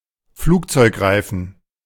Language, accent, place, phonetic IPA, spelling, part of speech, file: German, Germany, Berlin, [ˈfluːkt͡sɔɪ̯kˌʁaɪ̯fn̩], Flugzeugreifen, noun, De-Flugzeugreifen.ogg
- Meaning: aircraft tyre(s)